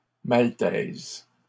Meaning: feminine singular of maltais
- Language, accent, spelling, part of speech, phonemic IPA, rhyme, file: French, Canada, maltaise, adjective, /mal.tɛz/, -ɛz, LL-Q150 (fra)-maltaise.wav